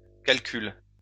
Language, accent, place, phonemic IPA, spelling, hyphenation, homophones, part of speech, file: French, France, Lyon, /kal.kyl/, calcule, cal‧cule, calcules, verb, LL-Q150 (fra)-calcule.wav
- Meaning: inflection of calculer: 1. first/third-person singular present indicative/subjunctive 2. second-person singular imperative